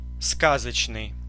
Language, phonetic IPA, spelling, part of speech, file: Russian, [ˈskazət͡ɕnɨj], сказочный, adjective, Ru-сказочный.ogg
- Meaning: 1. magical 2. fairy-tale (character, plot) 3. fabulous, fantastical, unbelievable